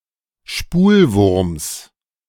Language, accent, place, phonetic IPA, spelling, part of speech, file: German, Germany, Berlin, [ˈʃpuːlˌvʊʁms], Spulwurms, noun, De-Spulwurms.ogg
- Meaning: genitive of Spulwurm